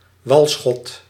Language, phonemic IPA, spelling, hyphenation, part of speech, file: Dutch, /ˈʋɑl.sxɔt/, walschot, wal‧schot, noun, Nl-walschot.ogg
- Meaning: spermaceti